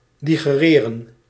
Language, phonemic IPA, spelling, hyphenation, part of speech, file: Dutch, /ˌdiɣəˈreːrə(n)/, digereren, di‧ge‧re‧ren, verb, Nl-digereren.ogg
- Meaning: 1. to tolerate, to stand, to endure 2. to digest